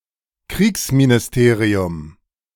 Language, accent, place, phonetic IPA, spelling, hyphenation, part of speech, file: German, Germany, Berlin, [ˈkʁiːksminɪsˌteːʁi̯ʊm], Kriegsministerium, Kriegs‧mi‧ni‧ste‧ri‧um, noun, De-Kriegsministerium.ogg
- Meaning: war ministry